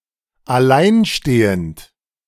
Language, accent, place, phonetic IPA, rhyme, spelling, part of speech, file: German, Germany, Berlin, [aˈlaɪ̯nˌʃteːənt], -aɪ̯nʃteːənt, alleinstehend, adjective / verb, De-alleinstehend.ogg
- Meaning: 1. stand-alone, detached 2. single (not married nor having a life partner)